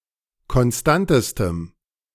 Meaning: strong dative masculine/neuter singular superlative degree of konstant
- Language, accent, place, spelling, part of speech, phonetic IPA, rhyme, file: German, Germany, Berlin, konstantestem, adjective, [kɔnˈstantəstəm], -antəstəm, De-konstantestem.ogg